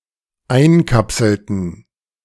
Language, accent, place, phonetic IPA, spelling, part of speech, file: German, Germany, Berlin, [ˈaɪ̯nˌkapsl̩tn̩], einkapselten, verb, De-einkapselten.ogg
- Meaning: inflection of einkapseln: 1. first/third-person plural dependent preterite 2. first/third-person plural dependent subjunctive II